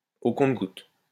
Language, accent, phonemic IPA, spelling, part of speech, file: French, France, /o kɔ̃t.ɡut/, au compte-gouttes, adverb, LL-Q150 (fra)-au compte-gouttes.wav
- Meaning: in dribs and drabs